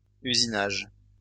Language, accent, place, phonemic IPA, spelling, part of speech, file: French, France, Lyon, /y.zi.naʒ/, usinage, noun, LL-Q150 (fra)-usinage.wav
- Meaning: machining